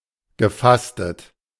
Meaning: past participle of fasten
- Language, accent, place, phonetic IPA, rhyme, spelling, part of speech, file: German, Germany, Berlin, [ɡəˈfastət], -astət, gefastet, verb, De-gefastet.ogg